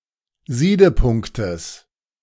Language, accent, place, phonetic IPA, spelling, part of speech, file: German, Germany, Berlin, [ˈziːdəˌpʊŋktəs], Siedepunktes, noun, De-Siedepunktes.ogg
- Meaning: genitive of Siedepunkt